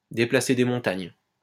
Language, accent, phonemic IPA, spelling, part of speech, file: French, France, /de.pla.se de mɔ̃.taɲ/, déplacer des montagnes, verb, LL-Q150 (fra)-déplacer des montagnes.wav
- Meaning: to move mountains (to do seemingly impossible things)